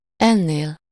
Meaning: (pronoun) adessive singular of ez; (verb) second-person singular conditional present indefinite of eszik
- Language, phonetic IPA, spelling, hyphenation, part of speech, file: Hungarian, [ˈɛnːeːl], ennél, en‧nél, pronoun / verb, Hu-ennél.ogg